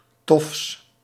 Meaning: partitive of tof
- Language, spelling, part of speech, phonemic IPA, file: Dutch, tofs, noun / adjective, /tɔfs/, Nl-tofs.ogg